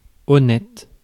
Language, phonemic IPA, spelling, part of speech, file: French, /ɔ.nɛt/, honnête, adjective, Fr-honnête.ogg
- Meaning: 1. honest (scrupulous with regard to telling the truth) 2. decent, acceptable